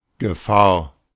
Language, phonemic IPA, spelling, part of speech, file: German, /ɡəˈfaːɐ̯/, Gefahr, noun, De-Gefahr.oga
- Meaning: 1. danger, hazard, peril, risk 2. threat